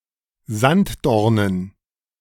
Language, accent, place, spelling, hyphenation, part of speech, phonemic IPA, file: German, Germany, Berlin, Sanddornen, Sand‧dor‧nen, noun, /ˈzant.dɔʁ.nən/, De-Sanddornen.ogg
- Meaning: dative plural of Sanddorn